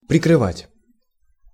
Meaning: 1. to cover, to screen, to close / shut softly 2. to protect, to shelter, to cover, to shield 3. to cover up, to conceal 4. to liquidate, to close down
- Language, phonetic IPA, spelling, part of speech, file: Russian, [prʲɪkrɨˈvatʲ], прикрывать, verb, Ru-прикрывать.ogg